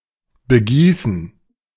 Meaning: 1. to pour water over 2. to water (plants etc.) 3. to baste 4. to celebrate
- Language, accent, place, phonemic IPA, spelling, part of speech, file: German, Germany, Berlin, /bəˈɡiːsn̩/, begießen, verb, De-begießen.ogg